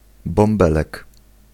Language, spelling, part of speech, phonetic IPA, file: Polish, bąbelek, noun, [bɔ̃mˈbɛlɛk], Pl-bąbelek.ogg